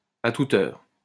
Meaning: anytime, at all times, round the clock
- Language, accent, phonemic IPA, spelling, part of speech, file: French, France, /a tu.t‿œʁ/, à toute heure, phrase, LL-Q150 (fra)-à toute heure.wav